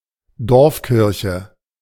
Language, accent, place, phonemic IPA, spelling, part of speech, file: German, Germany, Berlin, /ˈdɔʁfˌkɪʁçə/, Dorfkirche, noun, De-Dorfkirche.ogg
- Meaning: village church, rural church